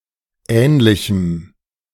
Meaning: strong dative masculine/neuter singular of ähnlich
- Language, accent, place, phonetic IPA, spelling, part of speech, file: German, Germany, Berlin, [ˈɛːnlɪçm̩], ähnlichem, adjective, De-ähnlichem.ogg